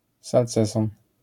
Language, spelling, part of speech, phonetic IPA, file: Polish, salceson, noun, [salˈt͡sɛsɔ̃n], LL-Q809 (pol)-salceson.wav